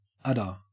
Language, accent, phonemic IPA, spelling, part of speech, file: English, Australia, /ˈɐdə/, udder, noun, En-au-udder.ogg
- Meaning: 1. An organ formed of the mammary glands of female quadruped mammals, particularly ruminants such as cattle, goats, sheep and deer 2. A woman's breast